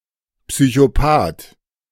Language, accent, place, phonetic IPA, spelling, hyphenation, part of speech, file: German, Germany, Berlin, [psyçoˈpaːt], Psychopath, Psy‧cho‧path, noun, De-Psychopath.ogg
- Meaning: psychopath